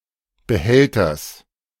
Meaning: genitive singular of Behälter
- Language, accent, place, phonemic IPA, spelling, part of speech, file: German, Germany, Berlin, /bəˈhɛltɐs/, Behälters, noun, De-Behälters.ogg